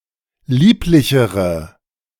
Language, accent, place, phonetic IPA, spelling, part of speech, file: German, Germany, Berlin, [ˈliːplɪçəʁə], lieblichere, adjective, De-lieblichere.ogg
- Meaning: inflection of lieblich: 1. strong/mixed nominative/accusative feminine singular comparative degree 2. strong nominative/accusative plural comparative degree